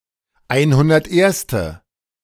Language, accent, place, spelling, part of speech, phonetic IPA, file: German, Germany, Berlin, einhunderterste, numeral, [ˈaɪ̯nhʊndɐtˌʔeːɐ̯stə], De-einhunderterste.ogg
- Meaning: hundred-and-first; at the position numbered 101